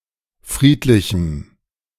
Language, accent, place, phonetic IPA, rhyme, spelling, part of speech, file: German, Germany, Berlin, [ˈfʁiːtlɪçm̩], -iːtlɪçm̩, friedlichem, adjective, De-friedlichem.ogg
- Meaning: strong dative masculine/neuter singular of friedlich